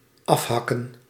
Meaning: 1. to hack/chop off, to sever 2. to truncate
- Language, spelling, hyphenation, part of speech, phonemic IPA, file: Dutch, afhakken, af‧hak‧ken, verb, /ˈɑfɦɑkə(n)/, Nl-afhakken.ogg